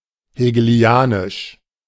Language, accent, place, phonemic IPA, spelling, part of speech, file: German, Germany, Berlin, /heːɡəˈli̯aːnɪʃ/, hegelianisch, adjective, De-hegelianisch.ogg
- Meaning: Hegelian